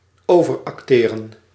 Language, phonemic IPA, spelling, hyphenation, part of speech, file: Dutch, /ˌoːvərˈɑk.teː.rə(n)/, overacteren, over‧ac‧te‧ren, verb, Nl-overacteren.ogg
- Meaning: to overact, to overplay